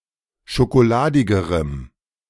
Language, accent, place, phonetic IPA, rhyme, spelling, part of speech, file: German, Germany, Berlin, [ʃokoˈlaːdɪɡəʁəm], -aːdɪɡəʁəm, schokoladigerem, adjective, De-schokoladigerem.ogg
- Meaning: strong dative masculine/neuter singular comparative degree of schokoladig